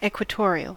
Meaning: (adjective) 1. Of, near, or relating to the equator 2. Relating to the midline of any approximately spherical object 3. of a bond, lying approximately in the plane of a ring, perpendicular to its axis
- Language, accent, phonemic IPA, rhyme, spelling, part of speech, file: English, US, /ˌɛkwəˈtɔːɹiəl/, -ɔːɹiəl, equatorial, adjective / noun, En-us-equatorial.ogg